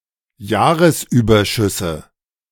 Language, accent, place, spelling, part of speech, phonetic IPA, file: German, Germany, Berlin, Jahresüberschüsse, noun, [ˈjaːʁəsˌʔyːbɐʃʏsə], De-Jahresüberschüsse.ogg
- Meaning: nominative/accusative/genitive plural of Jahresüberschuss